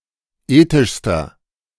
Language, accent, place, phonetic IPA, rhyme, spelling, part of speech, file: German, Germany, Berlin, [ˈeːtɪʃstɐ], -eːtɪʃstɐ, ethischster, adjective, De-ethischster.ogg
- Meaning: inflection of ethisch: 1. strong/mixed nominative masculine singular superlative degree 2. strong genitive/dative feminine singular superlative degree 3. strong genitive plural superlative degree